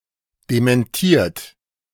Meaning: 1. past participle of dementieren 2. inflection of dementieren: third-person singular present 3. inflection of dementieren: second-person plural present 4. inflection of dementieren: plural imperative
- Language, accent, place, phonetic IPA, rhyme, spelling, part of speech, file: German, Germany, Berlin, [demɛnˈtiːɐ̯t], -iːɐ̯t, dementiert, verb, De-dementiert.ogg